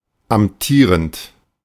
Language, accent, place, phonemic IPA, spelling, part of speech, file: German, Germany, Berlin, /amˈtiːʁənt/, amtierend, verb / adjective, De-amtierend.ogg
- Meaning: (verb) present participle of amtieren (“to hold an office”); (adjective) incumbent (being the current holder of an office or title)